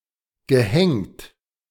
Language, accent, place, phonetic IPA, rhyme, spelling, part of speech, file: German, Germany, Berlin, [ɡəˈhɛŋt], -ɛŋt, gehängt, verb, De-gehängt.ogg
- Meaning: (verb) past participle of hängen; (adjective) 1. hung 2. hanged